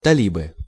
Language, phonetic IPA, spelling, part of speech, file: Russian, [tɐˈlʲibɨ], талибы, noun, Ru-талибы.ogg
- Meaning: nominative/accusative plural of тали́б (talíb)